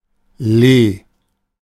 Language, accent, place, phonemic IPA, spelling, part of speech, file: German, Germany, Berlin, /leː/, Lee, noun, De-Lee.ogg
- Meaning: leeward side of a ship (the side away from the wind direction)